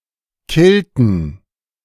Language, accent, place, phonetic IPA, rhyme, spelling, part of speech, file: German, Germany, Berlin, [ˈkɪltn̩], -ɪltn̩, killten, verb, De-killten.ogg
- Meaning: inflection of killen: 1. first/third-person plural preterite 2. first/third-person plural subjunctive II